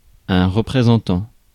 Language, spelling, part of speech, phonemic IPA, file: French, représentant, verb / noun, /ʁə.pʁe.zɑ̃.tɑ̃/, Fr-représentant.ogg
- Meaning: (verb) present participle of représenter; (noun) representative